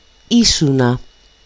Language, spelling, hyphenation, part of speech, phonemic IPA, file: Greek, ήσουνα, ή‧σου‧να, verb, /ˈisuna/, El-ήσουνα.ogg
- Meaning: second-person singular imperfect of είμαι (eímai): "you were"